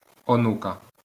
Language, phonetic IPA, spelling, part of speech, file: Ukrainian, [oˈnukɐ], онука, noun, LL-Q8798 (ukr)-онука.wav
- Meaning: 1. granddaughter 2. genitive/accusative singular of ону́к (onúk)